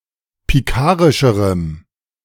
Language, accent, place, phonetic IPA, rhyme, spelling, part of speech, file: German, Germany, Berlin, [piˈkaːʁɪʃəʁəm], -aːʁɪʃəʁəm, pikarischerem, adjective, De-pikarischerem.ogg
- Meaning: strong dative masculine/neuter singular comparative degree of pikarisch